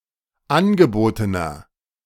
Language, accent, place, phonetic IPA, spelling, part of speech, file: German, Germany, Berlin, [ˈanɡəˌboːtənɐ], angebotener, adjective, De-angebotener.ogg
- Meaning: inflection of angeboten: 1. strong/mixed nominative masculine singular 2. strong genitive/dative feminine singular 3. strong genitive plural